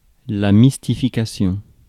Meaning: mystification
- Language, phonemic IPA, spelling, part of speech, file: French, /mis.ti.fi.ka.sjɔ̃/, mystification, noun, Fr-mystification.ogg